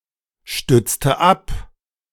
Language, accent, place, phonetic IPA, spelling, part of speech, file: German, Germany, Berlin, [ˌʃtʏt͡stə ˈap], stützte ab, verb, De-stützte ab.ogg
- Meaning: inflection of abstützen: 1. first/third-person singular preterite 2. first/third-person singular subjunctive II